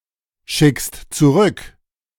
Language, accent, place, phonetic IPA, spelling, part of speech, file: German, Germany, Berlin, [ˌʃɪkst t͡suˈʁʏk], schickst zurück, verb, De-schickst zurück.ogg
- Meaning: second-person singular present of zurückschicken